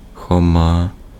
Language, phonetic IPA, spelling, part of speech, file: Ukrainian, [xɔˈma], Хома, proper noun, Uk-Хома.ogg
- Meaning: a male given name, Khoma, equivalent to English Thomas or Russian Фома́ (Fomá)